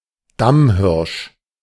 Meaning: fallow deer (usually male)
- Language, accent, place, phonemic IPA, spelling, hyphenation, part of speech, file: German, Germany, Berlin, /ˈdamˌhɪʁʃ/, Damhirsch, Dam‧hirsch, noun, De-Damhirsch.ogg